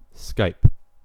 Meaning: 1. To make (a telephone call) using Skype software 2. To send (a message or file) with Skype 3. To contact (a person) via Skype
- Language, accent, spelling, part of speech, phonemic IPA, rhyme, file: English, US, skype, verb, /skaɪp/, -aɪp, En-us-skype.ogg